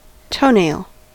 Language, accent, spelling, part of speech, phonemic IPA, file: English, US, toenail, noun / verb, /ˈtəʊˌneɪl/, En-us-toenail.ogg
- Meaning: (noun) The thin, horny, transparent plate covering the upper surface of the end of a toe; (verb) To fasten two pieces of lumber together by applying nails or screws into both boards at an angle